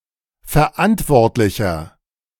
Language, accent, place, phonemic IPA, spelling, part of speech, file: German, Germany, Berlin, /fɛɐ̯ˈʔantvɔʁtlɪçɐ/, Verantwortlicher, noun, De-Verantwortlicher.ogg
- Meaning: person in charge